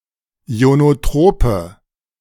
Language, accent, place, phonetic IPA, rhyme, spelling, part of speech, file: German, Germany, Berlin, [i̯onoˈtʁoːpə], -oːpə, ionotrope, adjective, De-ionotrope.ogg
- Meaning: inflection of ionotrop: 1. strong/mixed nominative/accusative feminine singular 2. strong nominative/accusative plural 3. weak nominative all-gender singular